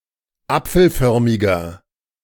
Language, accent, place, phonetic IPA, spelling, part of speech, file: German, Germany, Berlin, [ˈap͡fl̩ˌfœʁmɪɡɐ], apfelförmiger, adjective, De-apfelförmiger.ogg
- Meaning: 1. comparative degree of apfelförmig 2. inflection of apfelförmig: strong/mixed nominative masculine singular 3. inflection of apfelförmig: strong genitive/dative feminine singular